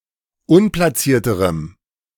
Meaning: strong dative masculine/neuter singular comparative degree of unplatziert
- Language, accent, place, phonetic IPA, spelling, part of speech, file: German, Germany, Berlin, [ˈʊnplaˌt͡siːɐ̯təʁəm], unplatzierterem, adjective, De-unplatzierterem.ogg